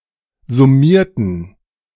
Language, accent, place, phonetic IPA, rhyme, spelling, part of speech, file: German, Germany, Berlin, [zʊˈmiːɐ̯tn̩], -iːɐ̯tn̩, summierten, adjective / verb, De-summierten.ogg
- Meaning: inflection of summieren: 1. first/third-person plural preterite 2. first/third-person plural subjunctive II